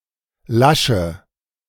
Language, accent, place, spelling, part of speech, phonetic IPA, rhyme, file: German, Germany, Berlin, lasche, adjective / verb, [ˈlaʃə], -aʃə, De-lasche.ogg
- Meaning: inflection of lasch: 1. strong/mixed nominative/accusative feminine singular 2. strong nominative/accusative plural 3. weak nominative all-gender singular 4. weak accusative feminine/neuter singular